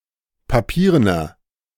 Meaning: inflection of papieren: 1. strong/mixed nominative masculine singular 2. strong genitive/dative feminine singular 3. strong genitive plural
- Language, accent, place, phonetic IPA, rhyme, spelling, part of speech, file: German, Germany, Berlin, [paˈpiːʁənɐ], -iːʁənɐ, papierener, adjective, De-papierener.ogg